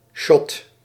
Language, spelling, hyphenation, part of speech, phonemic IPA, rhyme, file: Dutch, shot, shot, noun, /ʃɔt/, -ɔt, Nl-shot.ogg
- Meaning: 1. shot (sequence of frames) 2. shot (measure/serving of alcohol)